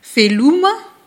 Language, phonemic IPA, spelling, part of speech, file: Malagasy, /veˈlumə̥/, veloma, interjection, Mg-veloma.ogg
- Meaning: bye, goodbye